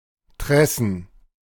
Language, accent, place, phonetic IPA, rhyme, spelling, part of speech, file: German, Germany, Berlin, [ˈtʁɛsn̩], -ɛsn̩, Tressen, noun, De-Tressen.ogg
- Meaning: plural of Tresse